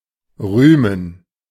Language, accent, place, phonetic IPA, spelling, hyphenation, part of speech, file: German, Germany, Berlin, [ˈʁyːmən], rühmen, rüh‧men, verb, De-rühmen.ogg
- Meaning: 1. to praise 2. to boast